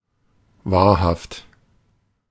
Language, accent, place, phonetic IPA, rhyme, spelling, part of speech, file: German, Germany, Berlin, [ˈvaːɐ̯haft], -aːɐ̯haft, wahrhaft, adjective, De-wahrhaft.ogg
- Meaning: real, true, veracious